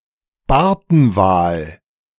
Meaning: baleen whale
- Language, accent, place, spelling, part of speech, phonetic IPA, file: German, Germany, Berlin, Bartenwal, noun, [ˈbaʁtn̩ˌvaːl], De-Bartenwal.ogg